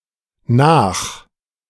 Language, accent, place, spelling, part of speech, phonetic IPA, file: German, Germany, Berlin, nach-, prefix, [naːχ], De-nach-.ogg
- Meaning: 1. indicates a later action 2. indicates following or pursuit of someone or something 3. indicates repetition or succession 4. indicates repetition or succession: to check something